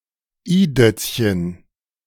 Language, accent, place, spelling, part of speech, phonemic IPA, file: German, Germany, Berlin, i-Dötzchen, noun, /ˈiːˌdœts.çən/, De-i-Dötzchen.ogg
- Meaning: first-year pupil; child who has just started school; abecedarian